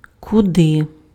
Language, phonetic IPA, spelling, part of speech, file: Ukrainian, [kʊˈdɪ], куди, adverb, Uk-куди.ogg
- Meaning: where?